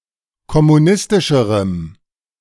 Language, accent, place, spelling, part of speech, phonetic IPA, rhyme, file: German, Germany, Berlin, kommunistischerem, adjective, [kɔmuˈnɪstɪʃəʁəm], -ɪstɪʃəʁəm, De-kommunistischerem.ogg
- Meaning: strong dative masculine/neuter singular comparative degree of kommunistisch